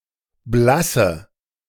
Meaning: inflection of blass: 1. strong/mixed nominative/accusative feminine singular 2. strong nominative/accusative plural 3. weak nominative all-gender singular 4. weak accusative feminine/neuter singular
- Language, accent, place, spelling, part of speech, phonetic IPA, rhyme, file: German, Germany, Berlin, blasse, adjective / verb, [ˈblasə], -asə, De-blasse.ogg